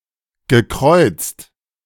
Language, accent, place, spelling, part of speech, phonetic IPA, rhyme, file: German, Germany, Berlin, gekreuzt, verb, [ɡəˈkʁɔɪ̯t͡st], -ɔɪ̯t͡st, De-gekreuzt.ogg
- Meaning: past participle of kreuzen